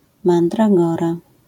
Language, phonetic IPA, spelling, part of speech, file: Polish, [ˌmãndraˈɡɔra], mandragora, noun, LL-Q809 (pol)-mandragora.wav